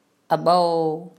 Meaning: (proper noun) Abaw (a village in Mon State, Myanmar); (noun) alternative form of ၜဝ်
- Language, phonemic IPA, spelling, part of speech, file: Mon, /ʔɑ.ˈɓou/, အၜဝ်, proper noun / noun, Mnw-အၜဝ်.wav